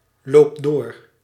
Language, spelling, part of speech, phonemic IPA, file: Dutch, loopt door, verb, /loptˈdo ̝r/, Nl-loopt door.ogg
- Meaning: inflection of doorlopen: 1. second/third-person singular present indicative 2. plural imperative